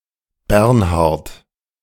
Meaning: 1. a male given name from Old High German, equivalent to English Bernard 2. a surname transferred from the given name
- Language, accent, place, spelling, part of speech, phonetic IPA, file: German, Germany, Berlin, Bernhart, proper noun, [ˈbɛʁnhaʁt], De-Bernhart.ogg